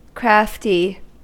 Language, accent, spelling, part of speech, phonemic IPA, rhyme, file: English, US, crafty, adjective, /ˈkɹæfti/, -æfti, En-us-crafty.ogg
- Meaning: 1. Skillful at deceiving others 2. Sneaky; surreptitious 3. Relating to, or characterized by, craft or skill; dexterous, clever 4. Magical or occult, or allegedly so